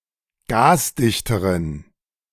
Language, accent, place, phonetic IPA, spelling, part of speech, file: German, Germany, Berlin, [ˈɡaːsˌdɪçtəʁən], gasdichteren, adjective, De-gasdichteren.ogg
- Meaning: inflection of gasdicht: 1. strong genitive masculine/neuter singular comparative degree 2. weak/mixed genitive/dative all-gender singular comparative degree